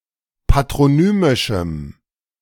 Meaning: strong dative masculine/neuter singular of patronymisch
- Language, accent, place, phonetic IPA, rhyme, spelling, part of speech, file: German, Germany, Berlin, [patʁoˈnyːmɪʃm̩], -yːmɪʃm̩, patronymischem, adjective, De-patronymischem.ogg